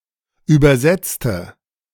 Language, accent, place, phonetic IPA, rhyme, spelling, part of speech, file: German, Germany, Berlin, [ˌyːbɐˈzɛt͡stə], -ɛt͡stə, übersetzte, adjective, De-übersetzte.ogg
- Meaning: inflection of übersetzen: 1. first/third-person singular preterite 2. first/third-person singular subjunctive II